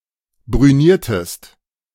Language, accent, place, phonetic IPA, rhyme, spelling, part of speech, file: German, Germany, Berlin, [bʁyˈniːɐ̯təst], -iːɐ̯təst, brüniertest, verb, De-brüniertest.ogg
- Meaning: inflection of brünieren: 1. second-person singular preterite 2. second-person singular subjunctive II